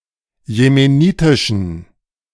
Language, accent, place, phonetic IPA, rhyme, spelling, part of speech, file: German, Germany, Berlin, [jemeˈniːtɪʃn̩], -iːtɪʃn̩, jemenitischen, adjective, De-jemenitischen.ogg
- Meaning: inflection of jemenitisch: 1. strong genitive masculine/neuter singular 2. weak/mixed genitive/dative all-gender singular 3. strong/weak/mixed accusative masculine singular 4. strong dative plural